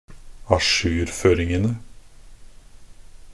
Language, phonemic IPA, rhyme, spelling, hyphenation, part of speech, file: Norwegian Bokmål, /aˈʃʉːrføːrɪŋənə/, -ənə, ajourføringene, a‧jour‧før‧ing‧en‧e, noun, Nb-ajourføringene.ogg
- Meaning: definite plural of ajourføring